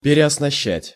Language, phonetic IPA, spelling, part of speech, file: Russian, [pʲɪrʲɪəsnɐˈɕːætʲ], переоснащать, verb, Ru-переоснащать.ogg
- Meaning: to reequip, to replace old equipment of